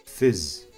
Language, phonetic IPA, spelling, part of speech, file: Kabardian, [fəz], фыз, noun, Фыз.ogg
- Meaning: 1. wife 2. woman